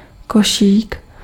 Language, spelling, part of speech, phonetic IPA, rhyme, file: Czech, košík, noun, [ˈkoʃiːk], -oʃiːk, Cs-košík.ogg
- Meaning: 1. diminutive of koš; a small basket 2. shopping basket